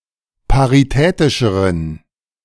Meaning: inflection of paritätisch: 1. strong genitive masculine/neuter singular comparative degree 2. weak/mixed genitive/dative all-gender singular comparative degree
- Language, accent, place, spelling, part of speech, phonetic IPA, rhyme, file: German, Germany, Berlin, paritätischeren, adjective, [paʁiˈtɛːtɪʃəʁən], -ɛːtɪʃəʁən, De-paritätischeren.ogg